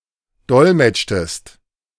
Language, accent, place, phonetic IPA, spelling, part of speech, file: German, Germany, Berlin, [ˈdɔlmɛt͡ʃtəst], dolmetschtest, verb, De-dolmetschtest.ogg
- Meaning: inflection of dolmetschen: 1. second-person singular preterite 2. second-person singular subjunctive II